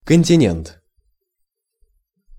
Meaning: continent, mainland (large expanse of land)
- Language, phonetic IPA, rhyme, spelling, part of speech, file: Russian, [kənʲtʲɪˈnʲent], -ent, континент, noun, Ru-континент.ogg